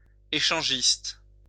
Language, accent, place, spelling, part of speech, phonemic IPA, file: French, France, Lyon, échangiste, noun / adjective, /e.ʃɑ̃.ʒist/, LL-Q150 (fra)-échangiste.wav
- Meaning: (noun) swinger; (adjective) swinging